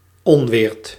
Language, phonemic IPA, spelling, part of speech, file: Dutch, /ˈɔnʋɪːrt/, onweert, verb, Nl-onweert.ogg
- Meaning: inflection of onweren: 1. second/third-person singular present indicative 2. plural imperative